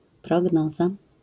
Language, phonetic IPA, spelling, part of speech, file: Polish, [prɔˈɡnɔza], prognoza, noun, LL-Q809 (pol)-prognoza.wav